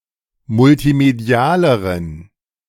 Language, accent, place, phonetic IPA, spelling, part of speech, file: German, Germany, Berlin, [mʊltiˈmedi̯aːləʁən], multimedialeren, adjective, De-multimedialeren.ogg
- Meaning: inflection of multimedial: 1. strong genitive masculine/neuter singular comparative degree 2. weak/mixed genitive/dative all-gender singular comparative degree